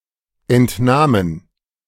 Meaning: first/third-person plural preterite of entnehmen
- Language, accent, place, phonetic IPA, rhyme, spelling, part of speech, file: German, Germany, Berlin, [ɛntˈnaːmən], -aːmən, entnahmen, verb, De-entnahmen.ogg